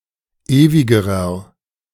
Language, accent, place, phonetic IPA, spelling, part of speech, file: German, Germany, Berlin, [ˈeːvɪɡəʁɐ], ewigerer, adjective, De-ewigerer.ogg
- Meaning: inflection of ewig: 1. strong/mixed nominative masculine singular comparative degree 2. strong genitive/dative feminine singular comparative degree 3. strong genitive plural comparative degree